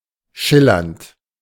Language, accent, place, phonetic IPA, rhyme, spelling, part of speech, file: German, Germany, Berlin, [ˈʃɪlɐnt], -ɪlɐnt, schillernd, adjective / verb, De-schillernd.ogg
- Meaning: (verb) present participle of schillern; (adjective) 1. iridescent, shimmering, opalescent 2. colorful, glitzy